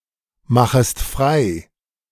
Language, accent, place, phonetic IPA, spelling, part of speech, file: German, Germany, Berlin, [ˌmaxəst ˈfʁaɪ̯], machest frei, verb, De-machest frei.ogg
- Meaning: second-person singular subjunctive I of freimachen